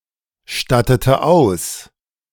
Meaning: inflection of ausstatten: 1. first/third-person singular preterite 2. first/third-person singular subjunctive II
- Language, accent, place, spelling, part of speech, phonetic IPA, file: German, Germany, Berlin, stattete aus, verb, [ˌʃtatətə ˈaʊ̯s], De-stattete aus.ogg